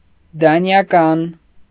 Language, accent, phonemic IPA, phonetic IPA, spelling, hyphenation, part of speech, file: Armenian, Eastern Armenian, /dɑnjɑˈkɑn/, [dɑnjɑkɑ́n], դանիական, դա‧նի‧ա‧կան, adjective, Hy-դանիական.ogg
- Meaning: Danish